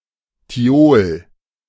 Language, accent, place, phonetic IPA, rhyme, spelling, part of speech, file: German, Germany, Berlin, [tiˈoːl], -oːl, Thiol, noun, De-Thiol.ogg
- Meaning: thiol